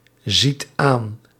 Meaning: inflection of aanzien: 1. second/third-person singular present indicative 2. plural imperative
- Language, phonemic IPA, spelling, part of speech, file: Dutch, /ˈzit ˈan/, ziet aan, verb, Nl-ziet aan.ogg